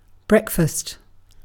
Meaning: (noun) 1. The first meal of the day, usually eaten in the morning 2. A meal consisting of food normally eaten in the morning, which may typically include eggs, sausages, toast, bacon, etc
- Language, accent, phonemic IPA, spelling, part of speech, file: English, UK, /ˈbreɪkˌfɑːst/, breakfast, noun / verb, En-uk-breakfast.ogg